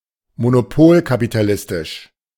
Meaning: monopolistic-capitalist
- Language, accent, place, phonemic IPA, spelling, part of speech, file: German, Germany, Berlin, /monoˈpoːlkapitaˌlɪstɪʃ/, monopolkapitalistisch, adjective, De-monopolkapitalistisch.ogg